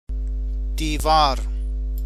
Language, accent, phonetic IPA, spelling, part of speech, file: Persian, Iran, [d̪iː.vɒ́ːɹ], دیوار, noun, Fa-دیوار.ogg
- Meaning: wall